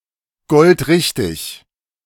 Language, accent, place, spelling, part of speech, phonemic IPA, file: German, Germany, Berlin, goldrichtig, adjective, /ˈɡɔltˈʁɪçtɪç/, De-goldrichtig.ogg
- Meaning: spot-on